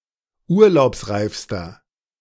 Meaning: inflection of urlaubsreif: 1. strong/mixed nominative masculine singular superlative degree 2. strong genitive/dative feminine singular superlative degree 3. strong genitive plural superlative degree
- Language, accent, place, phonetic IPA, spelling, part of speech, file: German, Germany, Berlin, [ˈuːɐ̯laʊ̯psˌʁaɪ̯fstɐ], urlaubsreifster, adjective, De-urlaubsreifster.ogg